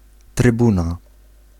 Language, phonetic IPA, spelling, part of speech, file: Polish, [trɨˈbũna], trybuna, noun, Pl-trybuna.ogg